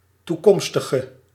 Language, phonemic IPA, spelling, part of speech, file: Dutch, /tuˈkɔmstəɣə/, toekomstige, adjective, Nl-toekomstige.ogg
- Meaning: inflection of toekomstig: 1. masculine/feminine singular attributive 2. definite neuter singular attributive 3. plural attributive